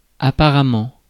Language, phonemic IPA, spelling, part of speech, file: French, /a.pa.ʁa.mɑ̃/, apparemment, adverb, Fr-apparemment.ogg
- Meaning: apparently (seemingly)